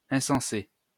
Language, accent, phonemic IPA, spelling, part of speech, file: French, France, /ɛ̃.sɑ̃.se/, insensé, adjective, LL-Q150 (fra)-insensé.wav
- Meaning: 1. insane, crazy 2. mindless, meaningless 3. phenomenal